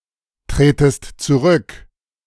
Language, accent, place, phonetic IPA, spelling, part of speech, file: German, Germany, Berlin, [ˌtʁeːtəst t͡suˈʁʏk], tretest zurück, verb, De-tretest zurück.ogg
- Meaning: second-person singular subjunctive I of zurücktreten